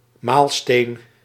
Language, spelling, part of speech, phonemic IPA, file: Dutch, maalsteen, noun, /ˈmaːlsteːn/, Nl-maalsteen.ogg
- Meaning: millstone